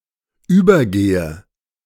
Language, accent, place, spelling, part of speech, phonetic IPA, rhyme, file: German, Germany, Berlin, übergehe, verb, [ˈyːbɐˌɡeːə], -yːbɐɡeːə, De-übergehe.ogg
- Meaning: inflection of übergehen: 1. first-person singular present 2. first/third-person singular subjunctive I 3. singular imperative